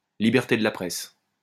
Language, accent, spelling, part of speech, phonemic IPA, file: French, France, liberté de la presse, noun, /li.bɛʁ.te d(ə) la pʁɛs/, LL-Q150 (fra)-liberté de la presse.wav
- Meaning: freedom of the press